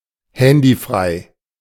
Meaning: mobile-free
- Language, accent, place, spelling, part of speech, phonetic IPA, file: German, Germany, Berlin, handyfrei, adjective, [ˈhɛndiˌfʁaɪ̯], De-handyfrei.ogg